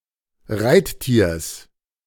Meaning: genitive of Reittier
- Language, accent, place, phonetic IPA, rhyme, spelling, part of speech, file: German, Germany, Berlin, [ˈʁaɪ̯tˌtiːɐ̯s], -aɪ̯ttiːɐ̯s, Reittiers, noun, De-Reittiers.ogg